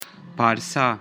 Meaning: 1. Persia 2. Persis
- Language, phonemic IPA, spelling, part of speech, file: Pashto, /pɑr.sa/, پارسه, proper noun, Parsa-Pashto.ogg